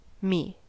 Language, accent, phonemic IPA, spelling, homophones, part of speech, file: English, US, /mi/, me, Me / mee, pronoun / noun, En-us-me.ogg
- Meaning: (pronoun) The first-person singular, as the object (of a verb, preposition, etc).: 1. As the object (direct or indirect) of a verb 2. Myself; as a reflexive direct object of a verb